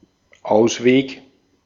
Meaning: 1. way out, escape route 2. solution (to a predicament)
- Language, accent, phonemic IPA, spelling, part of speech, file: German, Austria, /ˈʔaʊ̯sveːk/, Ausweg, noun, De-at-Ausweg.ogg